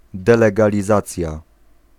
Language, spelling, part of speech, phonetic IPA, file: Polish, delegalizacja, noun, [ˌdɛlɛɡalʲiˈzat͡sʲja], Pl-delegalizacja.ogg